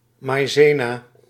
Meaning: cornflour, cornstarch, maizena
- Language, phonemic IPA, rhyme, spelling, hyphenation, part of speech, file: Dutch, /ˌmɑi̯ˈzeː.naː/, -eːnaː, maizena, mai‧ze‧na, noun, Nl-maizena.ogg